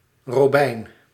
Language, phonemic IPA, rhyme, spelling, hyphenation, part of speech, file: Dutch, /roːˈbɛi̯n/, -ɛi̯n, robijn, ro‧bijn, noun, Nl-robijn.ogg
- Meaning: 1. ruby (substance) 2. ruby (gem)